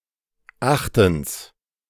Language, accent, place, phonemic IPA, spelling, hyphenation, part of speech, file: German, Germany, Berlin, /ˈaxtn̩s/, achtens, ach‧tens, adverb, De-achtens.ogg
- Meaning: eighthly